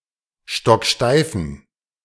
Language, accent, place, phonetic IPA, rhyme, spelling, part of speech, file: German, Germany, Berlin, [ˌʃtɔkˈʃtaɪ̯fn̩], -aɪ̯fn̩, stocksteifen, adjective, De-stocksteifen.ogg
- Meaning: inflection of stocksteif: 1. strong genitive masculine/neuter singular 2. weak/mixed genitive/dative all-gender singular 3. strong/weak/mixed accusative masculine singular 4. strong dative plural